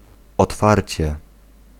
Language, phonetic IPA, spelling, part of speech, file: Polish, [ɔtˈfarʲt͡ɕɛ], otwarcie, adverb / noun, Pl-otwarcie.ogg